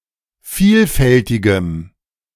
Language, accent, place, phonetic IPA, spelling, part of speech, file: German, Germany, Berlin, [ˈfiːlˌfɛltɪɡəm], vielfältigem, adjective, De-vielfältigem.ogg
- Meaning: strong dative masculine/neuter singular of vielfältig